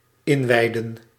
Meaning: 1. to inaugurate 2. to consecrate
- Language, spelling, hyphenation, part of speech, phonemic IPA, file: Dutch, inwijden, in‧wij‧den, verb, /ˈɪnˌʋɛi̯.də(n)/, Nl-inwijden.ogg